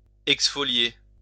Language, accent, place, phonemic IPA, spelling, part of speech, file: French, France, Lyon, /ɛks.fɔ.lje/, exfolier, verb, LL-Q150 (fra)-exfolier.wav
- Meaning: 1. to exfoliate, strip of leaves 2. to exfoliate